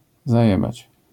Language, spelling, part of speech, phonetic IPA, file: Polish, zajebać, verb, [zaˈjɛbat͡ɕ], LL-Q809 (pol)-zajebać.wav